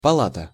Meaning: 1. palace 2. chamber, hall 3. ward 4. chamber, house 5. chamber, board
- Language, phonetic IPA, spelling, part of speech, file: Russian, [pɐˈɫatə], палата, noun, Ru-палата.ogg